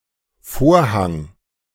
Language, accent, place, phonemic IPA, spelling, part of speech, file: German, Germany, Berlin, /ˈfoːɐ̯ˌhaŋ/, Vorhang, noun, De-Vorhang.ogg
- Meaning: 1. curtain 2. draperies 3. drop